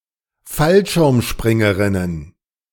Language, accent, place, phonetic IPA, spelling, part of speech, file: German, Germany, Berlin, [ˈfalʃɪʁmˌʃpʁɪŋəʁɪnən], Fallschirmspringerinnen, noun, De-Fallschirmspringerinnen.ogg
- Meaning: plural of Fallschirmspringerin